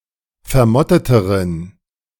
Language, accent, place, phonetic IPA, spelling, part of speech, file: German, Germany, Berlin, [fɛɐ̯ˈmɔtətəʁən], vermotteteren, adjective, De-vermotteteren.ogg
- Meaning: inflection of vermottet: 1. strong genitive masculine/neuter singular comparative degree 2. weak/mixed genitive/dative all-gender singular comparative degree